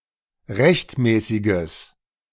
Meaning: strong/mixed nominative/accusative neuter singular of rechtmäßig
- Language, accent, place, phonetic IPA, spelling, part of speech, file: German, Germany, Berlin, [ˈʁɛçtˌmɛːsɪɡəs], rechtmäßiges, adjective, De-rechtmäßiges.ogg